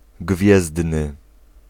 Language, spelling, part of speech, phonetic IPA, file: Polish, gwiezdny, adjective, [ˈɡvʲjɛzdnɨ], Pl-gwiezdny.ogg